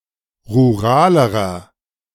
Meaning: inflection of rural: 1. strong/mixed nominative masculine singular comparative degree 2. strong genitive/dative feminine singular comparative degree 3. strong genitive plural comparative degree
- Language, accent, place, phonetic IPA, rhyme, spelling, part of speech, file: German, Germany, Berlin, [ʁuˈʁaːləʁɐ], -aːləʁɐ, ruralerer, adjective, De-ruralerer.ogg